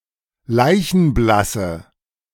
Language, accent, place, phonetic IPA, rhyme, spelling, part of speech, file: German, Germany, Berlin, [ˈlaɪ̯çn̩ˈblasə], -asə, leichenblasse, adjective, De-leichenblasse.ogg
- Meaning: inflection of leichenblass: 1. strong/mixed nominative/accusative feminine singular 2. strong nominative/accusative plural 3. weak nominative all-gender singular